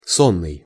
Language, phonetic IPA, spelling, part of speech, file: Russian, [ˈsonːɨj], сонный, adjective, Ru-сонный.ogg
- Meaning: sleeping, sleepy